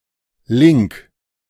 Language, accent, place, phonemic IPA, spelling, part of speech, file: German, Germany, Berlin, /ˈliŋk/, Link, noun, De-Link.ogg
- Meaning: 1. hyperlink 2. link